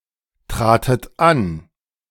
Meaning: second-person plural preterite of antreten
- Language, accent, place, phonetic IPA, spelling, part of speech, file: German, Germany, Berlin, [ˌtʁaːtət ˈan], tratet an, verb, De-tratet an.ogg